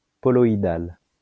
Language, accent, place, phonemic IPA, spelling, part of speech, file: French, France, Lyon, /pɔ.lɔ.i.dal/, poloïdal, adjective, LL-Q150 (fra)-poloïdal.wav
- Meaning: poloidal